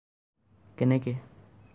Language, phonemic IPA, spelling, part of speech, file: Assamese, /kɛ.nɛ.kɛ/, কেনেকে, adverb, As-কেনেকে.ogg
- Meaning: how